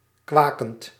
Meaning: present participle of kwaken
- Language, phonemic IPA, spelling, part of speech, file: Dutch, /ˈkwakənt/, kwakend, verb / adjective, Nl-kwakend.ogg